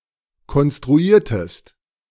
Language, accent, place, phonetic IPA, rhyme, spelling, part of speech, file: German, Germany, Berlin, [kɔnstʁuˈiːɐ̯təst], -iːɐ̯təst, konstruiertest, verb, De-konstruiertest.ogg
- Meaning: inflection of konstruieren: 1. second-person singular preterite 2. second-person singular subjunctive II